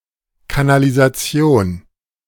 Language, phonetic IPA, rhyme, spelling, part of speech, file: German, [kanalizaˈt͡si̯oːn], -oːn, Kanalisation, noun, De-Kanalisation.oga
- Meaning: sewer